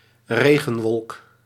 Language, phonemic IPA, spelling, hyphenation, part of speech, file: Dutch, /ˈreː.ɣə(n)ˌʋɔlk/, regenwolk, re‧gen‧wolk, noun, Nl-regenwolk.ogg
- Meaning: a rain cloud